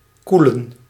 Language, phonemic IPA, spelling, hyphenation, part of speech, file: Dutch, /ˈku.lə(n)/, koelen, koe‧len, verb / adjective, Nl-koelen.ogg
- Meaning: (verb) to cool; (adjective) 1. inflection of koel 2. inflection of koel: masculine accusative/dative singular 3. inflection of koel: neuter dative singular 4. inflection of koel: dative plural